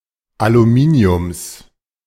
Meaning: genitive singular of Aluminium
- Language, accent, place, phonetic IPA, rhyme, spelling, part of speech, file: German, Germany, Berlin, [aluˈmiːni̯ʊms], -iːni̯ʊms, Aluminiums, noun, De-Aluminiums.ogg